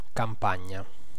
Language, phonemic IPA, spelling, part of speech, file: Italian, /kamˈpaɲɲa/, campagna, noun, It-campagna.ogg